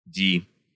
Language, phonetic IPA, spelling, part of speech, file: Russian, [dʲi], ди, noun, Ru-ди.ogg
- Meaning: D, d